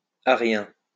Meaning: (adjective) or Arius; Arian; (noun) Arian (type of Christian heretic)
- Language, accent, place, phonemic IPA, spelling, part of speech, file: French, France, Lyon, /a.ʁjɛ̃/, arien, adjective / noun, LL-Q150 (fra)-arien.wav